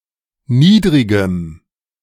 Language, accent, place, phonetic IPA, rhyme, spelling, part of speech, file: German, Germany, Berlin, [ˈniːdʁɪɡəm], -iːdʁɪɡəm, niedrigem, adjective, De-niedrigem.ogg
- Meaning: strong dative masculine/neuter singular of niedrig